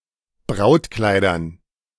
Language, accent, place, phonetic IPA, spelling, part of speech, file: German, Germany, Berlin, [ˈbʁaʊ̯tˌklaɪ̯dɐn], Brautkleidern, noun, De-Brautkleidern.ogg
- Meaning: dative plural of Brautkleid